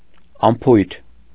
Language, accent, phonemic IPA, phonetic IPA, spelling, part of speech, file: Armenian, Eastern Armenian, /ɑnˈpʰujtʰ/, [ɑnpʰújtʰ], անփույթ, adjective, Hy-անփույթ.ogg
- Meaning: careless, negligent, sloppy